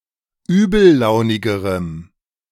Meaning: strong dative masculine/neuter singular comparative degree of übellaunig
- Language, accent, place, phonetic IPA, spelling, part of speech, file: German, Germany, Berlin, [ˈyːbl̩ˌlaʊ̯nɪɡəʁəm], übellaunigerem, adjective, De-übellaunigerem.ogg